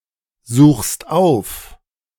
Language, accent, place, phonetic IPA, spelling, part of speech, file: German, Germany, Berlin, [ˌzuːxst ˈaʊ̯f], suchst auf, verb, De-suchst auf.ogg
- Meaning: second-person singular present of aufsuchen